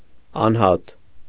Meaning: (noun) person, individual; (adjective) singular, unique
- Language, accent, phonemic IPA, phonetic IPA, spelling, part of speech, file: Armenian, Eastern Armenian, /ɑnˈhɑt/, [ɑnhɑ́t], անհատ, noun / adjective, Hy-անհատ .ogg